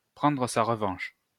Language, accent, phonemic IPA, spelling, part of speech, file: French, France, /pʁɑ̃.dʁə sa ʁ(ə).vɑ̃ʃ/, prendre sa revanche, verb, LL-Q150 (fra)-prendre sa revanche.wav
- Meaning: 1. to get one's revenge, to get one's own back 2. to settle the score, to even the score, to get even